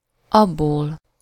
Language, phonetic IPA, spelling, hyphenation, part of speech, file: Hungarian, [ˈɒbːoːl], abból, ab‧ból, pronoun, Hu-abból.ogg
- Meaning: elative singular of az